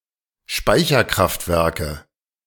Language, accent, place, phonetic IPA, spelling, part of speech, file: German, Germany, Berlin, [ˈʃpaɪ̯çɐˌkʁaftvɛʁkə], Speicherkraftwerke, noun, De-Speicherkraftwerke.ogg
- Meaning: inflection of Speicherkraftwerk: 1. dative singular 2. nominative/accusative/genitive plural